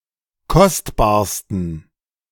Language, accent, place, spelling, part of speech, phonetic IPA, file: German, Germany, Berlin, kostbarsten, adjective, [ˈkɔstbaːɐ̯stn̩], De-kostbarsten.ogg
- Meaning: 1. superlative degree of kostbar 2. inflection of kostbar: strong genitive masculine/neuter singular superlative degree